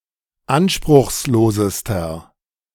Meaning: inflection of anspruchslos: 1. strong/mixed nominative masculine singular superlative degree 2. strong genitive/dative feminine singular superlative degree 3. strong genitive plural superlative degree
- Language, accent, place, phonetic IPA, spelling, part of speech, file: German, Germany, Berlin, [ˈanʃpʁʊxsˌloːzəstɐ], anspruchslosester, adjective, De-anspruchslosester.ogg